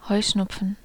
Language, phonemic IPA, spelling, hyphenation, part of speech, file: German, /ˈhɔʏ̯ˌʃnʊpfən/, Heuschnupfen, Heu‧schnup‧fen, noun, De-Heuschnupfen.ogg
- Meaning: hay fever